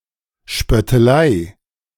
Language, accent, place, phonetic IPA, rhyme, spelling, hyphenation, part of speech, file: German, Germany, Berlin, [ʃpœtəˈlaɪ̯], -aɪ̯, Spöttelei, Spöt‧te‧lei, noun, De-Spöttelei.ogg
- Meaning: 1. mockery 2. jibe (A facetious or insulting remark, a jeer or taunt.)